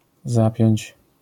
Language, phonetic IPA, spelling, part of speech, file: Polish, [ˈzapʲjɔ̇̃ɲt͡ɕ], zapiąć, verb, LL-Q809 (pol)-zapiąć.wav